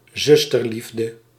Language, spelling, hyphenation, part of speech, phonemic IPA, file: Dutch, zusterliefde, zus‧ter‧lief‧de, noun, /ˈzʏs.tərˌlif.də/, Nl-zusterliefde.ogg
- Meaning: sisterly love, sororal love